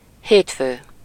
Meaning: Monday
- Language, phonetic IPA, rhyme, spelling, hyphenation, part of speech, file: Hungarian, [ˈheːtføː], -føː, hétfő, hét‧fő, noun, Hu-hétfő.ogg